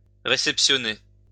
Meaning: 1. to take delivery of 2. to receive
- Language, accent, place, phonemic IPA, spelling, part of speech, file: French, France, Lyon, /ʁe.sɛp.sjɔ.ne/, réceptionner, verb, LL-Q150 (fra)-réceptionner.wav